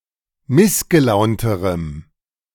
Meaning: strong dative masculine/neuter singular comparative degree of missgelaunt
- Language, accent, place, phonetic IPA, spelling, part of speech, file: German, Germany, Berlin, [ˈmɪsɡəˌlaʊ̯ntəʁəm], missgelaunterem, adjective, De-missgelaunterem.ogg